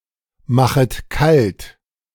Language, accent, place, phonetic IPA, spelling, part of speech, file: German, Germany, Berlin, [ˌmaxət ˈkalt], machet kalt, verb, De-machet kalt.ogg
- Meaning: second-person plural subjunctive I of kaltmachen